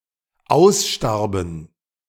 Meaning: first/third-person plural dependent preterite of aussterben
- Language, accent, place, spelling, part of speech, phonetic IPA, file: German, Germany, Berlin, ausstarben, verb, [ˈaʊ̯sˌʃtaʁbn̩], De-ausstarben.ogg